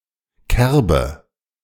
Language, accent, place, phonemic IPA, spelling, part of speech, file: German, Germany, Berlin, /ˈkɛʁbə/, Kerbe, noun, De-Kerbe.ogg
- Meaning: 1. dent, groove, nick, notch 2. kerf 3. bullseye (nautical)